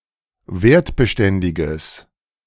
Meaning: strong/mixed nominative/accusative neuter singular of wertbeständig
- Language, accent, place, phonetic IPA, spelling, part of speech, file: German, Germany, Berlin, [ˈveːɐ̯tbəˌʃtɛndɪɡəs], wertbeständiges, adjective, De-wertbeständiges.ogg